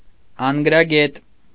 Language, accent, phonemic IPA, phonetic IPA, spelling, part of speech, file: Armenian, Eastern Armenian, /ɑnɡ(ə)ɾɑˈɡet/, [ɑŋɡ(ə)ɾɑɡét], անգրագետ, adjective, Hy-անգրագետ.ogg
- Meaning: 1. illiterate 2. ignorant